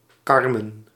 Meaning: a female given name
- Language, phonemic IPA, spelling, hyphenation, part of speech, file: Dutch, /ˈkɑr.mən/, Carmen, Car‧men, proper noun, Nl-Carmen.ogg